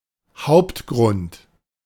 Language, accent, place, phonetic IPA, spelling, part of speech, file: German, Germany, Berlin, [ˈhaʊ̯ptˌɡʁʊnt], Hauptgrund, noun, De-Hauptgrund.ogg
- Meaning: main / chief reason